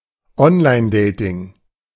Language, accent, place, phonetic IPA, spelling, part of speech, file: German, Germany, Berlin, [ˈɔnlaɪ̯nˌdeɪtɪŋ], Onlinedating, noun, De-Onlinedating.ogg
- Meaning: online dating